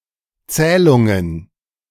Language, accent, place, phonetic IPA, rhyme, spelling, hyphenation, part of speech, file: German, Germany, Berlin, [ˈt͡sɛːlʊŋən], -ɛːlʊŋən, Zählungen, Zäh‧lun‧gen, noun, De-Zählungen.ogg
- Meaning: plural of Zählung